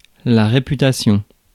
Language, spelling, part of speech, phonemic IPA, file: French, réputation, noun, /ʁe.py.ta.sjɔ̃/, Fr-réputation.ogg
- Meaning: reputation